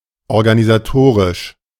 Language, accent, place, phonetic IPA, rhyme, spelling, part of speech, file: German, Germany, Berlin, [ɔʁɡanizaˈtoːʁɪʃ], -oːʁɪʃ, organisatorisch, adjective, De-organisatorisch.ogg
- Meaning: organizational